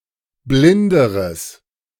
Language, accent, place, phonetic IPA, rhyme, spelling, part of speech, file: German, Germany, Berlin, [ˈblɪndəʁəs], -ɪndəʁəs, blinderes, adjective, De-blinderes.ogg
- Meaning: strong/mixed nominative/accusative neuter singular comparative degree of blind